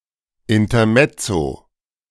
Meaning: intermezzo
- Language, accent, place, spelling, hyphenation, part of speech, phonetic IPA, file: German, Germany, Berlin, Intermezzo, In‧ter‧mez‧zo, noun, [ˌɪntɐˈmɛt͡so], De-Intermezzo.ogg